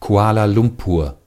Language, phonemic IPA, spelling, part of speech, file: German, /ˌkua̯ːla ˈlʊmpuʁ/, Kuala Lumpur, proper noun, De-Kuala Lumpur.ogg
- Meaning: Kuala Lumpur (a federal territory, the capital and largest city of Malaysia, located in the western part of the country)